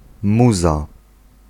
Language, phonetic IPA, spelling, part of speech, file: Polish, [ˈmuza], muza, noun, Pl-muza.ogg